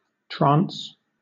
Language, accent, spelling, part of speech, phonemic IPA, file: English, Southern England, trance, noun / verb, /tɹɑːns/, LL-Q1860 (eng)-trance.wav
- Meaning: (noun) 1. A dazed or unconscious condition 2. A state of awareness, concentration, or focus that filters experience and information (for example, a state of meditation or possession by some being)